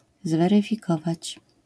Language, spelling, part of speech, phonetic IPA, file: Polish, zweryfikować, verb, [ˌzvɛrɨfʲiˈkɔvat͡ɕ], LL-Q809 (pol)-zweryfikować.wav